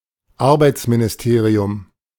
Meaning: labour ministry
- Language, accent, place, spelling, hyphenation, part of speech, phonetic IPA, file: German, Germany, Berlin, Arbeitsministerium, Ar‧beits‧mi‧ni‧ste‧ri‧um, noun, [ˈaʁbaɪ̯t͡sminɪsˌteːʀi̯ʊm], De-Arbeitsministerium.ogg